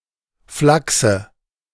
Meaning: 1. sinew 2. dative singular of Flachs
- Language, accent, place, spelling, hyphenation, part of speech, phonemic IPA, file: German, Germany, Berlin, Flachse, Flach‧se, noun, /ˈflaksə/, De-Flachse.ogg